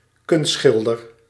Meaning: painter (of pictures), artist
- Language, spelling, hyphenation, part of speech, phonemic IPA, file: Dutch, kunstschilder, kunst‧schil‧der, noun, /ˈkʏn(st)sxɪldər/, Nl-kunstschilder.ogg